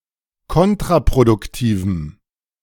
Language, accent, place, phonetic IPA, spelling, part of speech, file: German, Germany, Berlin, [ˈkɔntʁapʁodʊkˌtiːvm̩], kontraproduktivem, adjective, De-kontraproduktivem.ogg
- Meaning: strong dative masculine/neuter singular of kontraproduktiv